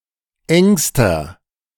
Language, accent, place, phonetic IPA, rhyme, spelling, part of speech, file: German, Germany, Berlin, [ˈɛŋstɐ], -ɛŋstɐ, engster, adjective, De-engster.ogg
- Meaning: inflection of eng: 1. strong/mixed nominative masculine singular superlative degree 2. strong genitive/dative feminine singular superlative degree 3. strong genitive plural superlative degree